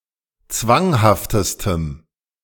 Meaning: strong dative masculine/neuter singular superlative degree of zwanghaft
- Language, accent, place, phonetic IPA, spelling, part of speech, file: German, Germany, Berlin, [ˈt͡svaŋhaftəstəm], zwanghaftestem, adjective, De-zwanghaftestem.ogg